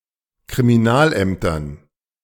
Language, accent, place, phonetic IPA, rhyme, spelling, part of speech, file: German, Germany, Berlin, [kʁimiˈnaːlˌʔɛmtɐn], -aːlʔɛmtɐn, Kriminalämtern, noun, De-Kriminalämtern.ogg
- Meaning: dative plural of Kriminalamt